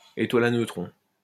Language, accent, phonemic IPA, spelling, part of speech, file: French, France, /e.twa.l‿a nø.tʁɔ̃/, étoile à neutrons, noun, LL-Q150 (fra)-étoile à neutrons.wav
- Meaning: neutron star (degenerate star that has been so collapsed by gravity that its electrons and protons have been merged into neutrons by the intense pressure)